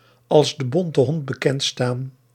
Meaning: to have a bad name
- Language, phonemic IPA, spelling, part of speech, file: Dutch, /ɑls də bɔntə ɦɔnt bəkɛnt staːn/, als de bonte hond bekend staan, verb, Nl-als de bonte hond bekend staan.ogg